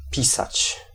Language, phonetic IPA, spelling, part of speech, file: Polish, [ˈpʲisat͡ɕ], pisać, verb, Pl-pisać.ogg